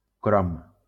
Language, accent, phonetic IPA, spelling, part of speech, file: Catalan, Valencia, [ˈkɾom], crom, noun, LL-Q7026 (cat)-crom.wav
- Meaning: chromium